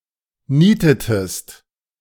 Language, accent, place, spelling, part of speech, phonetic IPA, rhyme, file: German, Germany, Berlin, nietetest, verb, [ˈniːtətəst], -iːtətəst, De-nietetest.ogg
- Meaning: inflection of nieten: 1. second-person singular preterite 2. second-person singular subjunctive II